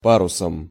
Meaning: instrumental singular of па́рус (párus)
- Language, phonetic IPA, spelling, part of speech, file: Russian, [ˈparʊsəm], парусом, noun, Ru-парусом.ogg